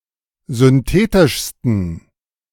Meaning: 1. superlative degree of synthetisch 2. inflection of synthetisch: strong genitive masculine/neuter singular superlative degree
- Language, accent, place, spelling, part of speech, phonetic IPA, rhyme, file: German, Germany, Berlin, synthetischsten, adjective, [zʏnˈteːtɪʃstn̩], -eːtɪʃstn̩, De-synthetischsten.ogg